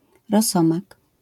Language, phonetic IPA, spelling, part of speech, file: Polish, [rɔˈsɔ̃mak], rosomak, noun, LL-Q809 (pol)-rosomak.wav